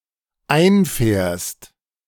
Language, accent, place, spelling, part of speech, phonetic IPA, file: German, Germany, Berlin, einfährst, verb, [ˈaɪ̯nˌfɛːɐ̯st], De-einfährst.ogg
- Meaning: second-person singular dependent present of einfahren